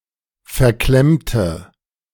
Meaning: inflection of verklemmt: 1. strong/mixed nominative/accusative feminine singular 2. strong nominative/accusative plural 3. weak nominative all-gender singular
- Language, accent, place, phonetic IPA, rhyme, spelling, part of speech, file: German, Germany, Berlin, [fɛɐ̯ˈklɛmtə], -ɛmtə, verklemmte, adjective / verb, De-verklemmte.ogg